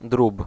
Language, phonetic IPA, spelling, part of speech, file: Polish, [drup], drób, noun, Pl-drób.ogg